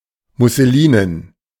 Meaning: muslin
- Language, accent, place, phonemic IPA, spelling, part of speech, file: German, Germany, Berlin, /mʊsəˈliːnən/, musselinen, adjective, De-musselinen.ogg